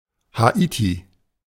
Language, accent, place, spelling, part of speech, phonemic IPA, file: German, Germany, Berlin, Haiti, proper noun, /haˈiːti/, De-Haiti.ogg
- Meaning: Haiti (a country in the Caribbean)